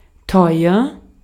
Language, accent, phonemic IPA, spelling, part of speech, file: German, Austria, /tɔʏ̯ɐ/, teuer, adjective, De-at-teuer.ogg
- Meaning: 1. expensive, dear (high in price) 2. dear (precious, valued)